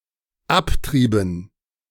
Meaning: inflection of abtreiben: 1. first/third-person plural dependent preterite 2. first/third-person plural dependent subjunctive II
- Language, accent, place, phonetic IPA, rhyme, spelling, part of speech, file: German, Germany, Berlin, [ˈapˌtʁiːbn̩], -aptʁiːbn̩, abtrieben, verb, De-abtrieben.ogg